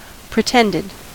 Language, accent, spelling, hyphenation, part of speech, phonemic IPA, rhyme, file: English, US, pretended, pre‧tend‧ed, verb / adjective, /pɹɪˈtɛndɪd/, -ɛndɪd, En-us-pretended.ogg
- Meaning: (verb) simple past and past participle of pretend; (adjective) feigned; counterfeit